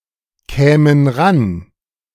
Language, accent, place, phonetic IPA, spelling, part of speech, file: German, Germany, Berlin, [ˌkɛːmən ˈʁan], kämen ran, verb, De-kämen ran.ogg
- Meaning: first-person plural subjunctive II of rankommen